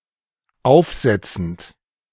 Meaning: present participle of aufsetzen
- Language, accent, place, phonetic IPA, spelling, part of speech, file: German, Germany, Berlin, [ˈaʊ̯fˌzɛt͡sn̩t], aufsetzend, verb, De-aufsetzend.ogg